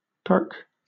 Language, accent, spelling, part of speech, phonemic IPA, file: English, Southern England, perk, noun / verb / adjective, /pɜːk/, LL-Q1860 (eng)-perk.wav
- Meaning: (noun) 1. Perquisite 2. A bonus ability that a player character can acquire; a permanent power-up; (verb) To make (coffee) in a percolator or a drip coffeemaker